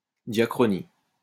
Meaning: diachrony
- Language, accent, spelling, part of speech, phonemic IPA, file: French, France, diachronie, noun, /dja.kʁɔ.ni/, LL-Q150 (fra)-diachronie.wav